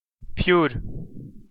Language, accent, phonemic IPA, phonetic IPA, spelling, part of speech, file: Armenian, Eastern Armenian, /pʰjuɾ/, [pʰjuɾ], փյուր, noun, Hy-փյուր.ogg
- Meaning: the name of the Armenian letter փ (pʻ)